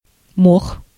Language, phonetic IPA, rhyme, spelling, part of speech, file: Russian, [mox], -ox, мох, noun, Ru-мох.ogg
- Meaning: moss